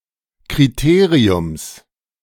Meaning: genitive singular of Kriterium
- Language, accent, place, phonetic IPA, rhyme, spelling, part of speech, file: German, Germany, Berlin, [kʁiˈteːʁiʊms], -eːʁiʊms, Kriteriums, noun, De-Kriteriums.ogg